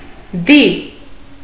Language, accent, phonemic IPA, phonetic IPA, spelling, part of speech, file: Armenian, Eastern Armenian, /di/, [di], դի, noun, Hy-դի.ogg
- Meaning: corpse, dead body, carcass